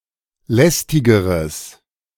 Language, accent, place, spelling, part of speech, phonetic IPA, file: German, Germany, Berlin, lästigeres, adjective, [ˈlɛstɪɡəʁəs], De-lästigeres.ogg
- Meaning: strong/mixed nominative/accusative neuter singular comparative degree of lästig